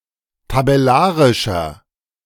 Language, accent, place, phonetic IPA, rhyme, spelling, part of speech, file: German, Germany, Berlin, [tabɛˈlaːʁɪʃɐ], -aːʁɪʃɐ, tabellarischer, adjective, De-tabellarischer.ogg
- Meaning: inflection of tabellarisch: 1. strong/mixed nominative masculine singular 2. strong genitive/dative feminine singular 3. strong genitive plural